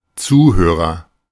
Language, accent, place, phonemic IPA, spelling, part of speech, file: German, Germany, Berlin, /ˈt͡suːˌhøːʁɐ/, Zuhörer, noun, De-Zuhörer.ogg
- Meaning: 1. agent noun of zuhören; listener 2. audience